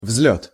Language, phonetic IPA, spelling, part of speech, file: Russian, [vz⁽ʲ⁾lʲɵt], взлёт, noun, Ru-взлёт.ogg
- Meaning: 1. flight, ascension, ascent 2. take-off (of airplanes) 3. rise